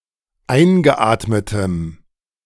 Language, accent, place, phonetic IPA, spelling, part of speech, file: German, Germany, Berlin, [ˈaɪ̯nɡəˌʔaːtmətəm], eingeatmetem, adjective, De-eingeatmetem.ogg
- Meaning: strong dative masculine/neuter singular of eingeatmet